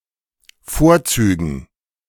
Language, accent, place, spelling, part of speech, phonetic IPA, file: German, Germany, Berlin, Vorzügen, noun, [ˈfoːɐ̯ˌt͡syːɡn̩], De-Vorzügen.ogg
- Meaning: dative plural of Vorzug